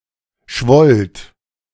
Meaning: second-person plural preterite of schwellen
- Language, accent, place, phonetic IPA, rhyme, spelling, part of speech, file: German, Germany, Berlin, [ʃvɔlt], -ɔlt, schwollt, verb, De-schwollt.ogg